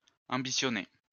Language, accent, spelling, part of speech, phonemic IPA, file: French, France, ambitionner, verb, /ɑ̃.bi.sjɔ.ne/, LL-Q150 (fra)-ambitionner.wav
- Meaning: to aim for; go for; set as one's goal